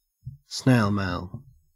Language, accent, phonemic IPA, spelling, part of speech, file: English, Australia, /ˈsneɪl ˌmeɪl/, snail mail, noun, En-au-snail mail.ogg
- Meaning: 1. Mail (physical material) sent in the post, especially as compared with email 2. Mail (postal service), especially as compared with email